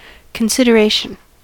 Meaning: The thought process of considering, of taking multiple or specified factors into account (with of being the main corresponding adposition)
- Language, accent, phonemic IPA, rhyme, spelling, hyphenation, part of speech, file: English, US, /kənˌsɪd.əˈɹeɪ.ʃən/, -eɪʃən, consideration, con‧sid‧er‧ation, noun, En-us-consideration.ogg